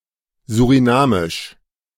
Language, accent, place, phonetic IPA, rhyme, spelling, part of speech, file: German, Germany, Berlin, [zuʁiˈnaːmɪʃ], -aːmɪʃ, surinamisch, adjective, De-surinamisch.ogg
- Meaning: Surinamese